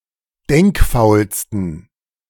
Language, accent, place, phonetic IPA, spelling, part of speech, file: German, Germany, Berlin, [ˈdɛŋkˌfaʊ̯lstn̩], denkfaulsten, adjective, De-denkfaulsten.ogg
- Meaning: 1. superlative degree of denkfaul 2. inflection of denkfaul: strong genitive masculine/neuter singular superlative degree